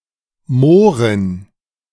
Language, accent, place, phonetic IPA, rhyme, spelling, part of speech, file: German, Germany, Berlin, [ˈmoːʁɪn], -oːʁɪn, Mohrin, noun, De-Mohrin.ogg
- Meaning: negress